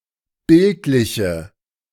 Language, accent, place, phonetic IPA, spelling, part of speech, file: German, Germany, Berlin, [ˈbɪltlɪçə], bildliche, adjective, De-bildliche.ogg
- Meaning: inflection of bildlich: 1. strong/mixed nominative/accusative feminine singular 2. strong nominative/accusative plural 3. weak nominative all-gender singular